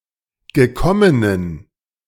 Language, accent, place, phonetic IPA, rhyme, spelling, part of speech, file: German, Germany, Berlin, [ɡəˈkɔmənən], -ɔmənən, gekommenen, adjective, De-gekommenen.ogg
- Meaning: inflection of gekommen: 1. strong genitive masculine/neuter singular 2. weak/mixed genitive/dative all-gender singular 3. strong/weak/mixed accusative masculine singular 4. strong dative plural